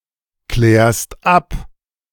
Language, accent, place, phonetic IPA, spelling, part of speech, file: German, Germany, Berlin, [ˌklɛːɐ̯st ˈap], klärst ab, verb, De-klärst ab.ogg
- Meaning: second-person singular present of abklären